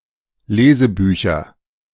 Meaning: nominative/accusative/genitive plural of Lesebuch
- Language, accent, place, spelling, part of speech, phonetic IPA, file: German, Germany, Berlin, Lesebücher, noun, [ˈleːzəˌbyːçɐ], De-Lesebücher.ogg